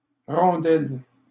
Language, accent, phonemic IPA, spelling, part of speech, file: French, Canada, /ʁɔ̃.dɛl/, rondelle, noun, LL-Q150 (fra)-rondelle.wav
- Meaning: 1. hockey puck 2. ring or annulus 3. disk; washer 4. onion ring 5. slice 6. asshole (anus)